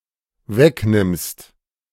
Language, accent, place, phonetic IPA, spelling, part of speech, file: German, Germany, Berlin, [ˈvɛkˌnɪmst], wegnimmst, verb, De-wegnimmst.ogg
- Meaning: second-person singular dependent present of wegnehmen